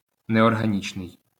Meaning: inorganic
- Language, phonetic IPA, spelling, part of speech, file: Ukrainian, [neɔrɦɐˈnʲit͡ʃnei̯], неорганічний, adjective, LL-Q8798 (ukr)-неорганічний.wav